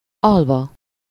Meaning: adverbial participle of alszik
- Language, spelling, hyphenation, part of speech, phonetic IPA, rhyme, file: Hungarian, alva, al‧va, verb, [ˈɒlvɒ], -vɒ, Hu-alva.ogg